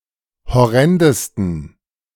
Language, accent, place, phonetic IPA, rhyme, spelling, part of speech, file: German, Germany, Berlin, [hɔˈʁɛndəstn̩], -ɛndəstn̩, horrendesten, adjective, De-horrendesten.ogg
- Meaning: 1. superlative degree of horrend 2. inflection of horrend: strong genitive masculine/neuter singular superlative degree